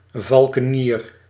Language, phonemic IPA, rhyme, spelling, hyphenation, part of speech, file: Dutch, /ˌvɑl.kəˈniːr/, -iːr, valkenier, val‧ke‧nier, noun, Nl-valkenier.ogg
- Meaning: falconer